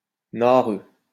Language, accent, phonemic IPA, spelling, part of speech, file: French, France, /na.ʁø/, nareux, adjective, LL-Q150 (fra)-nareux.wav
- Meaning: Fussy with cleanliness